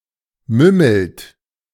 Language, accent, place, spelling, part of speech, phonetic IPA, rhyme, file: German, Germany, Berlin, mümmelt, verb, [ˈmʏml̩t], -ʏml̩t, De-mümmelt.ogg
- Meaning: inflection of mümmeln: 1. second-person plural present 2. third-person singular present 3. plural imperative